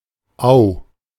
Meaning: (noun) apocopic form of Aue; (proper noun) 1. a municipality of Vorarlberg, Austria 2. a municipality of Saint Gallen canton, Switzerland
- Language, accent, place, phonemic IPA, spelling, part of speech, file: German, Germany, Berlin, /ˈaʊ̯/, Au, noun / proper noun, De-Au.ogg